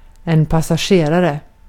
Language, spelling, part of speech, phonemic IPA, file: Swedish, passagerare, noun, /pasa²ɧeːˌrarɛ/, Sv-passagerare.ogg
- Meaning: a passenger (one who rides in a vehicle but does not operate it)